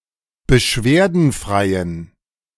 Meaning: inflection of beschwerdenfrei: 1. strong genitive masculine/neuter singular 2. weak/mixed genitive/dative all-gender singular 3. strong/weak/mixed accusative masculine singular 4. strong dative plural
- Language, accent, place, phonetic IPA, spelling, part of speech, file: German, Germany, Berlin, [bəˈʃveːɐ̯dn̩ˌfʁaɪ̯ən], beschwerdenfreien, adjective, De-beschwerdenfreien.ogg